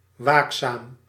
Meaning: vigilant, watchful
- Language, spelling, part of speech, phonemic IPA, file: Dutch, waakzaam, adjective / adverb, /ˈwaksam/, Nl-waakzaam.ogg